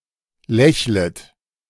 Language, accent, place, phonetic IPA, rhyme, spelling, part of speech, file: German, Germany, Berlin, [ˈlɛçlət], -ɛçlət, lächlet, verb, De-lächlet.ogg
- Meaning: second-person plural subjunctive I of lächeln